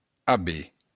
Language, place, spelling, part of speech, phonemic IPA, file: Occitan, Béarn, aver, verb, /aˈbe/, LL-Q14185 (oci)-aver.wav
- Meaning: 1. to have; to possess 2. to have